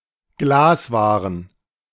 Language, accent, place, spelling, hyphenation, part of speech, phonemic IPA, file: German, Germany, Berlin, Glaswaren, Glas‧wa‧ren, noun, /ˈɡlaːsˌvaːʁən/, De-Glaswaren.ogg
- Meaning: plural of Glasware